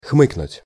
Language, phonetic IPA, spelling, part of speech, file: Russian, [ˈxmɨknʊtʲ], хмыкнуть, verb, Ru-хмыкнуть.ogg
- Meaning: to hem, to say hmm (Russian хм (xm)) out of hesitation